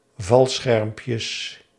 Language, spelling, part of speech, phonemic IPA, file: Dutch, valschermpjes, noun, /ˈvɑlsxɛrᵊmpjəs/, Nl-valschermpjes.ogg
- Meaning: plural of valschermpje